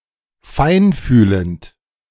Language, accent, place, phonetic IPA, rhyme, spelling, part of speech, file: German, Germany, Berlin, [ˈfaɪ̯nˌfyːlənt], -aɪ̯nfyːlənt, feinfühlend, adjective, De-feinfühlend.ogg
- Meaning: 1. sensitive, delicate 2. empathetic, tactful